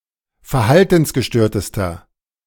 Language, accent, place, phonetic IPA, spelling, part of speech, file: German, Germany, Berlin, [fɛɐ̯ˈhaltn̩sɡəˌʃtøːɐ̯təstɐ], verhaltensgestörtester, adjective, De-verhaltensgestörtester.ogg
- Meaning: inflection of verhaltensgestört: 1. strong/mixed nominative masculine singular superlative degree 2. strong genitive/dative feminine singular superlative degree